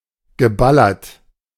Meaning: past participle of ballern
- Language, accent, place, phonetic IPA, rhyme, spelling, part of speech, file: German, Germany, Berlin, [ɡəˈbalɐt], -alɐt, geballert, verb, De-geballert.ogg